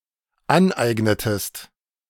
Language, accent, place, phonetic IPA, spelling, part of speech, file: German, Germany, Berlin, [ˈanˌʔaɪ̯ɡnətəst], aneignetest, verb, De-aneignetest.ogg
- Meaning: inflection of aneignen: 1. second-person singular dependent preterite 2. second-person singular dependent subjunctive II